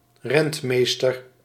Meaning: steward (manager of property or affairs on a third party's behalf)
- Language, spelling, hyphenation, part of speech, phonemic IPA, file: Dutch, rentmeester, rent‧mees‧ter, noun, /ˈrɛntˌmeːs.tər/, Nl-rentmeester.ogg